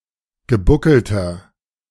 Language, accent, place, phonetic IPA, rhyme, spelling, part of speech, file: German, Germany, Berlin, [ɡəˈbʊkl̩tɐ], -ʊkl̩tɐ, gebuckelter, adjective, De-gebuckelter.ogg
- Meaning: inflection of gebuckelt: 1. strong/mixed nominative masculine singular 2. strong genitive/dative feminine singular 3. strong genitive plural